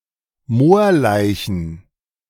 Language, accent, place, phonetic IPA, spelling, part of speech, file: German, Germany, Berlin, [ˈmoːɐ̯ˌlaɪ̯çn̩], Moorleichen, noun, De-Moorleichen.ogg
- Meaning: plural of Moorleiche